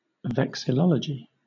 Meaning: The study of flags
- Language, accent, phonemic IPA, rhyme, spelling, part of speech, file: English, Southern England, /ˌvɛk.sɪˈlɒl.ə.d͡ʒi/, -ɒlədʒi, vexillology, noun, LL-Q1860 (eng)-vexillology.wav